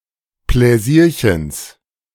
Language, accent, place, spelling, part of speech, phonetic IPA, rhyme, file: German, Germany, Berlin, Pläsierchens, noun, [plɛˈziːɐ̯çəns], -iːɐ̯çəns, De-Pläsierchens.ogg
- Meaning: genitive singular of Pläsierchen